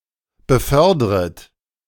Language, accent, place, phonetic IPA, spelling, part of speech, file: German, Germany, Berlin, [bəˈfœʁdʁət], befördret, verb, De-befördret.ogg
- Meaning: second-person plural subjunctive I of befördern